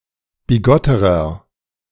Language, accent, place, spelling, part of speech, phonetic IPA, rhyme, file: German, Germany, Berlin, bigotterer, adjective, [biˈɡɔtəʁɐ], -ɔtəʁɐ, De-bigotterer.ogg
- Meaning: inflection of bigott: 1. strong/mixed nominative masculine singular comparative degree 2. strong genitive/dative feminine singular comparative degree 3. strong genitive plural comparative degree